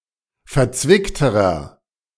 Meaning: inflection of verzwickt: 1. strong/mixed nominative masculine singular comparative degree 2. strong genitive/dative feminine singular comparative degree 3. strong genitive plural comparative degree
- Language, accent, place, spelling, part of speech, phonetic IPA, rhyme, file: German, Germany, Berlin, verzwickterer, adjective, [fɛɐ̯ˈt͡svɪktəʁɐ], -ɪktəʁɐ, De-verzwickterer.ogg